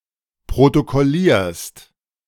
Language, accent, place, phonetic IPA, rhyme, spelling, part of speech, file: German, Germany, Berlin, [pʁotokɔˈliːɐ̯st], -iːɐ̯st, protokollierst, verb, De-protokollierst.ogg
- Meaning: second-person singular present of protokollieren